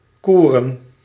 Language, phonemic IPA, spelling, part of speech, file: Dutch, /ˈku.rə(n)/, koeren, verb / noun, Nl-koeren.ogg
- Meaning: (verb) to coo (pigeons, doves and etc); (noun) plural of koer